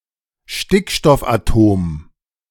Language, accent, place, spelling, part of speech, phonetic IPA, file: German, Germany, Berlin, Stickstoffatom, noun, [ˈʃtɪkʃtɔfʔaˌtoːm], De-Stickstoffatom.ogg
- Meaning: nitrogen atom